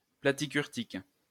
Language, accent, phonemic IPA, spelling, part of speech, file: French, France, /pla.ti.kyʁ.tik/, platykurtique, adjective, LL-Q150 (fra)-platykurtique.wav
- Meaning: platykurtic